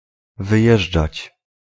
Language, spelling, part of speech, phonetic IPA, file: Polish, wyjeżdżać, verb, [vɨˈjɛʒd͡ʒat͡ɕ], Pl-wyjeżdżać.ogg